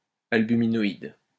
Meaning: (adjective) albuminoid
- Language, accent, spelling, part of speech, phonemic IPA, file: French, France, albuminoïde, adjective / noun, /al.by.mi.nɔ.id/, LL-Q150 (fra)-albuminoïde.wav